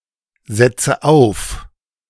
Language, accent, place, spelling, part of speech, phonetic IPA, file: German, Germany, Berlin, setze auf, verb, [ˌzɛt͡sə ˈaʊ̯f], De-setze auf.ogg
- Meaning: inflection of aufsetzen: 1. first-person singular present 2. first/third-person singular subjunctive I 3. singular imperative